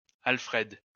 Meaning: a male given name
- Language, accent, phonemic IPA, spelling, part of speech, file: French, France, /al.fʁɛd/, Alfred, proper noun, LL-Q150 (fra)-Alfred.wav